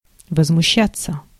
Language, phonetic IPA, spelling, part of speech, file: Russian, [vəzmʊˈɕːat͡sːə], возмущаться, verb, Ru-возмущаться.ogg
- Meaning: 1. to be outraged 2. to be indignant at/with something, to be filled with indignation, to be exasperated, to be outraged 3. to rebel 4. passive of возмуща́ть (vozmuščátʹ)